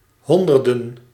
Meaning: plural of honderd
- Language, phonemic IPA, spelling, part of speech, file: Dutch, /ˈhɔndərdə(n)/, honderden, noun, Nl-honderden.ogg